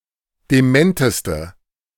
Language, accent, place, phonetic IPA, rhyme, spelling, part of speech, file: German, Germany, Berlin, [deˈmɛntəstə], -ɛntəstə, dementeste, adjective, De-dementeste.ogg
- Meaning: inflection of dement: 1. strong/mixed nominative/accusative feminine singular superlative degree 2. strong nominative/accusative plural superlative degree